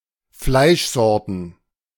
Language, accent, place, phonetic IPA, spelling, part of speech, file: German, Germany, Berlin, [ˈflaɪ̯ʃˌzɔʁtn̩], Fleischsorten, noun, De-Fleischsorten.ogg
- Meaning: plural of Fleischsorte